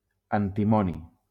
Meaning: antimony
- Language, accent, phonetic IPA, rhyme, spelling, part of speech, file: Catalan, Valencia, [an.tiˈmɔ.ni], -ɔni, antimoni, noun, LL-Q7026 (cat)-antimoni.wav